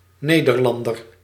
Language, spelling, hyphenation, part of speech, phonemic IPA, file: Dutch, Nederlander, Ne‧der‧lan‧der, noun, /ˈneː.dərˌlɑn.dər/, Nl-Nederlander.ogg
- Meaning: 1. a Dutchman, citizen of - or person originating from the kingdom of the Netherlands 2. inhabitant of the Low Countries, roughly including present Dutchmen, Belgians and Luxemburgers